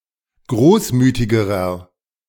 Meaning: inflection of großmütig: 1. strong/mixed nominative masculine singular comparative degree 2. strong genitive/dative feminine singular comparative degree 3. strong genitive plural comparative degree
- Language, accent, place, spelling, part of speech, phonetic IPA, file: German, Germany, Berlin, großmütigerer, adjective, [ˈɡʁoːsˌmyːtɪɡəʁɐ], De-großmütigerer.ogg